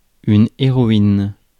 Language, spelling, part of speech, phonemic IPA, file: French, héroïne, noun, /e.ʁɔ.in/, Fr-héroïne.ogg
- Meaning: 1. heroine 2. heroin